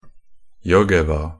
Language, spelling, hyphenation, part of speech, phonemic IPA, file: Norwegian Bokmål, Jõgeva, Jõ‧ge‧va, proper noun, /ˈjɔɡɛʋa/, Nb-jõgeva.ogg
- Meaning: Jõgeva (a town in Jõgeva County, Estonia)